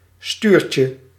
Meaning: diminutive of stuur
- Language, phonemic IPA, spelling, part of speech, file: Dutch, /ˈstyrcə/, stuurtje, noun, Nl-stuurtje.ogg